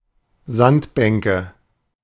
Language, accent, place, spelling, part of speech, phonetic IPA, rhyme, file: German, Germany, Berlin, Sandbänke, noun, [ˈzantbɛŋkə], -antbɛŋkə, De-Sandbänke.ogg
- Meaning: nominative/accusative/genitive plural of Sandbank